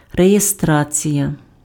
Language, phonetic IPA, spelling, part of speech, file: Ukrainian, [rejeˈstrat͡sʲijɐ], реєстрація, noun, Uk-реєстрація.ogg
- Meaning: registration (act of registering)